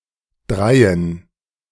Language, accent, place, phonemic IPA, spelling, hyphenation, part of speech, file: German, Germany, Berlin, /ˈdʁaɪ̯ən/, dreien, drei‧en, numeral, De-dreien.ogg
- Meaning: dative plural of drei (“three”)